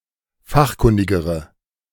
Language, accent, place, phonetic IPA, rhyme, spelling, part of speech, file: German, Germany, Berlin, [ˈfaxˌkʊndɪɡəʁə], -axkʊndɪɡəʁə, fachkundigere, adjective, De-fachkundigere.ogg
- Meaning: inflection of fachkundig: 1. strong/mixed nominative/accusative feminine singular comparative degree 2. strong nominative/accusative plural comparative degree